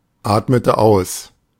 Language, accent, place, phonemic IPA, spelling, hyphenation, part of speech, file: German, Germany, Berlin, /ˌaːtmətə ˈaʊ̯s/, atmete aus, at‧mete aus, verb, De-atmete aus.ogg
- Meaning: inflection of ausatmen: 1. first/third-person singular preterite 2. first/third-person singular subjunctive II